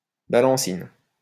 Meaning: topping lift
- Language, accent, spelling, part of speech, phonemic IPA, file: French, France, balancine, noun, /ba.lɑ̃.sin/, LL-Q150 (fra)-balancine.wav